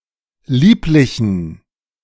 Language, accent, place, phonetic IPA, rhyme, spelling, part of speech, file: German, Germany, Berlin, [ˈliːplɪçn̩], -iːplɪçn̩, lieblichen, adjective, De-lieblichen.ogg
- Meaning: inflection of lieblich: 1. strong genitive masculine/neuter singular 2. weak/mixed genitive/dative all-gender singular 3. strong/weak/mixed accusative masculine singular 4. strong dative plural